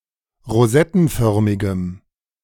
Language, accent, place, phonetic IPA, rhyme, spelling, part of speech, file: German, Germany, Berlin, [ʁoˈzɛtn̩ˌfœʁmɪɡəm], -ɛtn̩fœʁmɪɡəm, rosettenförmigem, adjective, De-rosettenförmigem.ogg
- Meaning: strong dative masculine/neuter singular of rosettenförmig